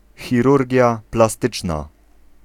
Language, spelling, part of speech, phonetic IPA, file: Polish, chirurgia plastyczna, noun, [xʲiˈrurʲɟja plaˈstɨt͡ʃna], Pl-chirurgia plastyczna.ogg